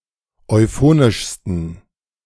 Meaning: 1. superlative degree of euphonisch 2. inflection of euphonisch: strong genitive masculine/neuter singular superlative degree
- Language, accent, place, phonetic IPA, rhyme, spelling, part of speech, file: German, Germany, Berlin, [ɔɪ̯ˈfoːnɪʃstn̩], -oːnɪʃstn̩, euphonischsten, adjective, De-euphonischsten.ogg